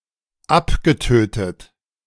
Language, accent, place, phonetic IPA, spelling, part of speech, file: German, Germany, Berlin, [ˈapɡəˌtøːtət], abgetötet, verb, De-abgetötet.ogg
- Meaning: past participle of abtöten